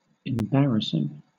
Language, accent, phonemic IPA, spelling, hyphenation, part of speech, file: English, Southern England, /ɪmˈbæɹ.ə.sɪŋ/, embarrassing, em‧bar‧rass‧ing, verb / noun / adjective, LL-Q1860 (eng)-embarrassing.wav
- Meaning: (verb) present participle and gerund of embarrass; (noun) The action of the verb to embarrass; embarrassment